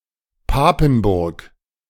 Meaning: Papenburg (a town in Emsland district, Lower Saxony, Germany)
- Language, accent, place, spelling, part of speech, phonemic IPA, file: German, Germany, Berlin, Papenburg, proper noun, /ˈpaːpn̩ˌbʊʁk/, De-Papenburg.ogg